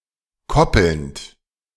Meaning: present participle of koppeln
- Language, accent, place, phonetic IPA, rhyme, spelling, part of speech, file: German, Germany, Berlin, [ˈkɔpl̩nt], -ɔpl̩nt, koppelnd, verb, De-koppelnd.ogg